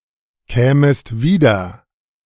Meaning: second-person singular subjunctive I of wiederkommen
- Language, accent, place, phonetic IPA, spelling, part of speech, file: German, Germany, Berlin, [ˌkɛːməst ˈviːdɐ], kämest wieder, verb, De-kämest wieder.ogg